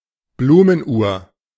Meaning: floral clock
- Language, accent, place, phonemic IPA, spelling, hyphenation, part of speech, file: German, Germany, Berlin, /ˈbluːmənˌʔuːɐ̯/, Blumenuhr, Blu‧men‧uhr, noun, De-Blumenuhr.ogg